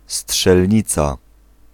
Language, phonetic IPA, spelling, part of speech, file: Polish, [sṭʃɛlʲˈɲit͡sa], strzelnica, noun, Pl-strzelnica.ogg